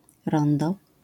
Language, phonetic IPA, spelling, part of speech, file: Polish, [ˈrɔ̃ndɔ], rondo, noun, LL-Q809 (pol)-rondo.wav